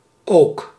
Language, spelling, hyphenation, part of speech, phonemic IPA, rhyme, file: Dutch, ook, ook, adverb, /oːk/, -oːk, Nl-ook.ogg
- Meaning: 1. also, too, moreover 2. either 3. -ever 4. particle for emphasis